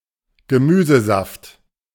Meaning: vegetable juice
- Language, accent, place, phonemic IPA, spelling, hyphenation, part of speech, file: German, Germany, Berlin, /ɡəˈmyːzəˌzaft/, Gemüsesaft, Ge‧mü‧se‧saft, noun, De-Gemüsesaft.ogg